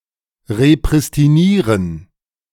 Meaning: to repristinate
- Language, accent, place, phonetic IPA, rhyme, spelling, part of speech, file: German, Germany, Berlin, [ʁepʁɪstiˈniːʁən], -iːʁən, repristinieren, verb, De-repristinieren.ogg